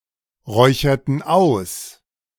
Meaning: inflection of ausräuchern: 1. first/third-person plural preterite 2. first/third-person plural subjunctive II
- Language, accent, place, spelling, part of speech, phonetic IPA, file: German, Germany, Berlin, räucherten aus, verb, [ˌʁɔɪ̯çɐtn̩ ˈaʊ̯s], De-räucherten aus.ogg